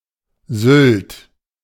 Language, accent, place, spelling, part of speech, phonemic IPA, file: German, Germany, Berlin, Sylt, proper noun, /zʏlt/, De-Sylt.ogg
- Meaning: Sylt (an island of the North Sea in Nordfriesland district, Schleswig-Holstein, Germany)